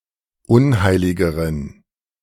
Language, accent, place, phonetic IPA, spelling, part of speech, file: German, Germany, Berlin, [ˈʊnˌhaɪ̯lɪɡəʁən], unheiligeren, adjective, De-unheiligeren.ogg
- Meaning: inflection of unheilig: 1. strong genitive masculine/neuter singular comparative degree 2. weak/mixed genitive/dative all-gender singular comparative degree